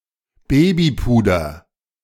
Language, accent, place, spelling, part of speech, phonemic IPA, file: German, Germany, Berlin, Babypuder, noun, /ˈbeːbiˌpuːdɐ/, De-Babypuder.ogg
- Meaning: baby powder